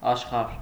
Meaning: 1. world, universe 2. land, country, region, province 3. level, stage
- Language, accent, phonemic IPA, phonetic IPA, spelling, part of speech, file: Armenian, Eastern Armenian, /ɑʃˈχɑɾ/, [ɑʃχɑ́ɾ], աշխարհ, noun, Hy-աշխարհ.ogg